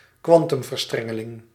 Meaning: quantum entanglement
- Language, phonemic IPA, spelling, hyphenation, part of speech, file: Dutch, /ˈkʋɑn.tʏm.vərˌstrɛ.ŋə.lɪŋ/, kwantumverstrengeling, kwan‧tum‧ver‧stren‧ge‧ling, noun, Nl-kwantumverstrengeling.ogg